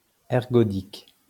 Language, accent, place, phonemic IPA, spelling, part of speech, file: French, France, Lyon, /ɛʁ.ɡɔ.dik/, ergodique, adjective, LL-Q150 (fra)-ergodique.wav
- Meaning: ergodic